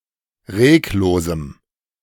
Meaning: strong dative masculine/neuter singular of reglos
- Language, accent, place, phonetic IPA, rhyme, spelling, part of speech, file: German, Germany, Berlin, [ˈʁeːkˌloːzm̩], -eːkloːzm̩, reglosem, adjective, De-reglosem.ogg